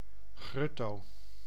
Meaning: black-tailed godwit. Limosa limosa
- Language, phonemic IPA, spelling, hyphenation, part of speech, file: Dutch, /ˈɣrʏ.toː/, grutto, grut‧to, noun, Nl-grutto.ogg